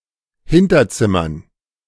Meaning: dative plural of Hinterzimmer
- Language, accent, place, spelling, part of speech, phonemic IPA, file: German, Germany, Berlin, Hinterzimmern, noun, /ˈhɪntɐˌtsɪmɐn/, De-Hinterzimmern.ogg